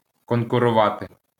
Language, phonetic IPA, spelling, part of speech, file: Ukrainian, [kɔnkʊrʊˈʋate], конкурувати, verb, LL-Q8798 (ukr)-конкурувати.wav
- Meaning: to compete